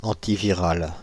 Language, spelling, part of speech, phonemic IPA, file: French, antiviral, adjective, /ɑ̃.ti.vi.ʁal/, Fr-antiviral.ogg
- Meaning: antiviral